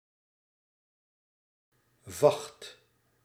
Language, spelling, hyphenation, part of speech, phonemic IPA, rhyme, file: Dutch, vacht, vacht, noun, /vɑxt/, -ɑxt, Nl-vacht.ogg
- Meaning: 1. fur 2. pelt